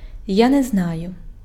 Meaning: I don't know
- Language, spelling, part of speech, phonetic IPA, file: Ukrainian, я не знаю, phrase, [ja ne‿zˈnajʊ], Uk-я не знаю.ogg